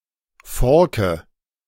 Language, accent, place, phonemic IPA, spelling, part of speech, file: German, Germany, Berlin, /ˈfɔrkə/, Forke, noun, De-Forke.ogg
- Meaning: pitchfork